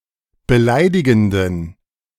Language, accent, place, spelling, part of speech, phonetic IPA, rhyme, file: German, Germany, Berlin, beleidigenden, adjective, [bəˈlaɪ̯dɪɡn̩dən], -aɪ̯dɪɡn̩dən, De-beleidigenden.ogg
- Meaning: inflection of beleidigend: 1. strong genitive masculine/neuter singular 2. weak/mixed genitive/dative all-gender singular 3. strong/weak/mixed accusative masculine singular 4. strong dative plural